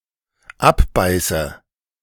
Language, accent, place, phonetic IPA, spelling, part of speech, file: German, Germany, Berlin, [ˈapˌbaɪ̯sə], abbeiße, verb, De-abbeiße.ogg
- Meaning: inflection of abbeißen: 1. first-person singular dependent present 2. first/third-person singular dependent subjunctive I